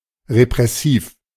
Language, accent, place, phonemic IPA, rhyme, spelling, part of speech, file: German, Germany, Berlin, /ʁepʁɛˈsiːf/, -iːf, repressiv, adjective, De-repressiv.ogg
- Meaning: repressive